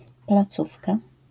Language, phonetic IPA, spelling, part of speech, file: Polish, [plaˈt͡sufka], placówka, noun, LL-Q809 (pol)-placówka.wav